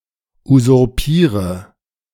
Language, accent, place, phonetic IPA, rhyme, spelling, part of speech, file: German, Germany, Berlin, [uzʊʁˈpiːʁə], -iːʁə, usurpiere, verb, De-usurpiere.ogg
- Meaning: inflection of usurpieren: 1. first-person singular present 2. first/third-person singular subjunctive I 3. singular imperative